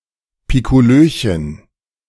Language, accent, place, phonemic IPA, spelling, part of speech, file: German, Germany, Berlin, /ˌpɪ.koˈløː.çən/, Piccolöchen, noun, De-Piccolöchen.ogg
- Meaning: diminutive of Piccolo